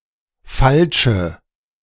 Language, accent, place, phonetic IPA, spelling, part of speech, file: German, Germany, Berlin, [ˈfalʃə], falsche, adjective, De-falsche.ogg
- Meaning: inflection of falsch: 1. strong/mixed nominative/accusative feminine singular 2. strong nominative/accusative plural 3. weak nominative all-gender singular 4. weak accusative feminine/neuter singular